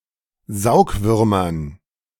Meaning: dative plural of Saugwurm
- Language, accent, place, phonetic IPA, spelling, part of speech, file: German, Germany, Berlin, [ˈzaʊ̯kˌvʏʁmɐn], Saugwürmern, noun, De-Saugwürmern.ogg